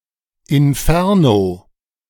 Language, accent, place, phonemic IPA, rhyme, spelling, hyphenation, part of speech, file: German, Germany, Berlin, /ɪnˈfɛʁ.no/, -ɛʁno, Inferno, In‧fer‧no, noun, De-Inferno.ogg
- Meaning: inferno (catastrophic scenario, especially involving fire)